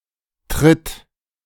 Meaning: inflection of treten: 1. third-person singular present 2. singular imperative
- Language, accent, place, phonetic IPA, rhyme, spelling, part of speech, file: German, Germany, Berlin, [tʁɪt], -ɪt, tritt, verb, De-tritt.ogg